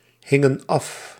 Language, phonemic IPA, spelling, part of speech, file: Dutch, /ˈhɪŋə(n) ˈɑf/, hingen af, verb, Nl-hingen af.ogg
- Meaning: inflection of afhangen: 1. plural past indicative 2. plural past subjunctive